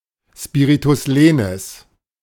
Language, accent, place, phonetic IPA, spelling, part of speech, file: German, Germany, Berlin, [ˌspiːʁitʊs ˈleːnɪs], Spiritus lenis, noun, De-Spiritus lenis.ogg
- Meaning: smooth breathing; spiritus lenis